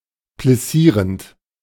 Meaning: present participle of plissieren
- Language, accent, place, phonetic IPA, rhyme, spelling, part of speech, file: German, Germany, Berlin, [plɪˈsiːʁənt], -iːʁənt, plissierend, verb, De-plissierend.ogg